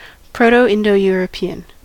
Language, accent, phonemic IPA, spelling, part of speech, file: English, US, /ˌpɹoʊ̯toʊ̯ˌɪndoʊ̯ˌjʊɹəˈpi.ən/, Proto-Indo-European, proper noun / noun / adjective, En-us-Proto-Indo-European.ogg
- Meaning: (proper noun) The reconstructed ancestor language or protolanguage of the Indo-European family of languages, which includes most European, Iranian, and Indian languages